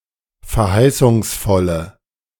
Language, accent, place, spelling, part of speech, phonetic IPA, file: German, Germany, Berlin, verheißungsvolle, adjective, [fɛɐ̯ˈhaɪ̯sʊŋsˌfɔlə], De-verheißungsvolle.ogg
- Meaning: inflection of verheißungsvoll: 1. strong/mixed nominative/accusative feminine singular 2. strong nominative/accusative plural 3. weak nominative all-gender singular